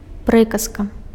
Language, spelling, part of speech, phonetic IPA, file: Belarusian, прыказка, noun, [ˈprɨkaska], Be-прыказка.ogg
- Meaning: proverb